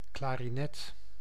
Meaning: clarinet (woodwind musical instrument)
- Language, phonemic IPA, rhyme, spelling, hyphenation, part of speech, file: Dutch, /ˌklaː.riˈnɛt/, -ɛt, klarinet, kla‧ri‧net, noun, Nl-klarinet.ogg